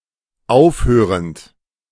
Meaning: present participle of aufhören
- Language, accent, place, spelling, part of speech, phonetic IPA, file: German, Germany, Berlin, aufhörend, verb, [ˈaʊ̯fˌhøːʁənt], De-aufhörend.ogg